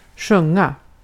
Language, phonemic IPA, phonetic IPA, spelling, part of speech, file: Swedish, /²ɧɵŋa/, [²ɧɵŋːa], sjunga, verb, Sv-sjunga.ogg
- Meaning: to sing